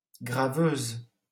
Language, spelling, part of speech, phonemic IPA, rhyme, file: French, graveuse, noun, /ɡʁa.vøz/, -øz, LL-Q150 (fra)-graveuse.wav
- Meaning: female equivalent of graveur